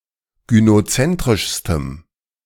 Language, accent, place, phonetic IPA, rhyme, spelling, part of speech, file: German, Germany, Berlin, [ɡynoˈt͡sɛntʁɪʃstəm], -ɛntʁɪʃstəm, gynozentrischstem, adjective, De-gynozentrischstem.ogg
- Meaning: strong dative masculine/neuter singular superlative degree of gynozentrisch